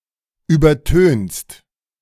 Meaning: second-person singular present of übertönen
- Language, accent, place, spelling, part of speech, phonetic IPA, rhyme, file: German, Germany, Berlin, übertönst, verb, [ˌyːbɐˈtøːnst], -øːnst, De-übertönst.ogg